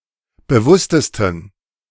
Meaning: 1. superlative degree of bewusst 2. inflection of bewusst: strong genitive masculine/neuter singular superlative degree
- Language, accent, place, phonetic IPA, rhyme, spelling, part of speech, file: German, Germany, Berlin, [bəˈvʊstəstn̩], -ʊstəstn̩, bewusstesten, adjective, De-bewusstesten.ogg